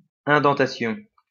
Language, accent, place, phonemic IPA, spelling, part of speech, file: French, France, Lyon, /ɛ̃.dɑ̃.ta.sjɔ̃/, indentation, noun, LL-Q150 (fra)-indentation.wav
- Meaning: indentation